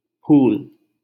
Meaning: 1. flower 2. blossom
- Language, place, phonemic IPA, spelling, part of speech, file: Hindi, Delhi, /pʰuːl/, फूल, noun, LL-Q1568 (hin)-फूल.wav